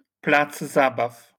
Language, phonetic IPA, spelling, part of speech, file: Polish, [ˈplad͡z ˈzabaf], plac zabaw, noun, LL-Q809 (pol)-plac zabaw.wav